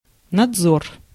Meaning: 1. supervision 2. surveillance 3. inspectorate
- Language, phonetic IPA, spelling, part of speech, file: Russian, [nɐd͡zˈzor], надзор, noun, Ru-надзор.ogg